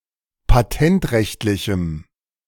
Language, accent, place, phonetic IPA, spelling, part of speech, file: German, Germany, Berlin, [paˈtɛntˌʁɛçtlɪçm̩], patentrechtlichem, adjective, De-patentrechtlichem.ogg
- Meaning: strong dative masculine/neuter singular of patentrechtlich